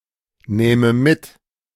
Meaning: first/third-person singular subjunctive II of mitnehmen
- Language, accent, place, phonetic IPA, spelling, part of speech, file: German, Germany, Berlin, [ˌnɛːmə ˈmɪt], nähme mit, verb, De-nähme mit.ogg